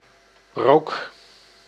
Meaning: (noun) smoke; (verb) inflection of roken: 1. first-person singular present indicative 2. second-person singular present indicative 3. imperative
- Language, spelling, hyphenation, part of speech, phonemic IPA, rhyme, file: Dutch, rook, rook, noun / verb, /roːk/, -oːk, Nl-rook.ogg